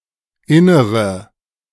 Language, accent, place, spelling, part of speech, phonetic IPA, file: German, Germany, Berlin, innere, adjective, [ˈɪnəʁə], De-innere.ogg
- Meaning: inflection of inner: 1. strong/mixed nominative/accusative feminine singular 2. strong nominative/accusative plural 3. weak nominative all-gender singular 4. weak accusative feminine/neuter singular